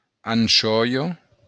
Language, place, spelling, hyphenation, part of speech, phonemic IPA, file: Occitan, Béarn, anchòia, an‧chò‧ia, noun, /anˈt͡ʃɔ.jɔ/, LL-Q14185 (oci)-anchòia.wav
- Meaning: anchovy